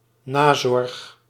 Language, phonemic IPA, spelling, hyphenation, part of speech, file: Dutch, /ˈnaː.zɔrx/, nazorg, na‧zorg, noun, Nl-nazorg.ogg
- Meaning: aftercare